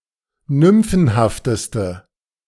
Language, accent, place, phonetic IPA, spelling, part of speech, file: German, Germany, Berlin, [ˈnʏmfn̩haftəstə], nymphenhafteste, adjective, De-nymphenhafteste.ogg
- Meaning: inflection of nymphenhaft: 1. strong/mixed nominative/accusative feminine singular superlative degree 2. strong nominative/accusative plural superlative degree